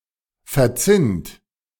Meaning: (verb) past participle of verzinnen; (adjective) tinned, tin-plated
- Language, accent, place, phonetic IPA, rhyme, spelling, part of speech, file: German, Germany, Berlin, [fɛɐ̯ˈt͡sɪnt], -ɪnt, verzinnt, verb, De-verzinnt.ogg